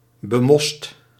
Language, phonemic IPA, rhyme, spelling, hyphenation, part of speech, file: Dutch, /bəˈmɔst/, -ɔst, bemost, be‧most, adjective, Nl-bemost.ogg
- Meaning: mossy, covered in moss